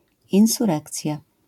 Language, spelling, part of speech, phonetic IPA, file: Polish, insurekcja, noun, [ˌĩw̃suˈrɛkt͡sʲja], LL-Q809 (pol)-insurekcja.wav